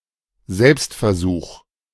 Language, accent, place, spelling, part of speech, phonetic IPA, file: German, Germany, Berlin, Selbstversuch, noun, [ˈzɛlpstfɛɐ̯ˌzuːx], De-Selbstversuch.ogg
- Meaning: self-experimentation